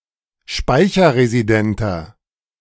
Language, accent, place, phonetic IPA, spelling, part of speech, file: German, Germany, Berlin, [ˈʃpaɪ̯çɐʁeziˌdɛntɐ], speicherresidenter, adjective, De-speicherresidenter.ogg
- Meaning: inflection of speicherresident: 1. strong/mixed nominative masculine singular 2. strong genitive/dative feminine singular 3. strong genitive plural